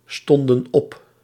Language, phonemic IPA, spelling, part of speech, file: Dutch, /ˈstɔndə(n) ˈɔp/, stonden op, verb, Nl-stonden op.ogg
- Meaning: inflection of opstaan: 1. plural past indicative 2. plural past subjunctive